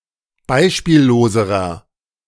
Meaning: inflection of beispiellos: 1. strong/mixed nominative masculine singular comparative degree 2. strong genitive/dative feminine singular comparative degree 3. strong genitive plural comparative degree
- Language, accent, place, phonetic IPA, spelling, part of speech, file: German, Germany, Berlin, [ˈbaɪ̯ʃpiːlloːzəʁɐ], beispielloserer, adjective, De-beispielloserer.ogg